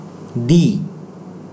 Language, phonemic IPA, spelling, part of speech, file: Indonesian, /di/, di-, prefix, ID-di.ogg
- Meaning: used to form passive voice or "patient focus" (in some analyses) on a verb